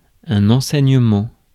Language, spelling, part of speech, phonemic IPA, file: French, enseignement, noun, /ɑ̃.sɛ.ɲ(ə).mɑ̃/, Fr-enseignement.ogg
- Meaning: education, teaching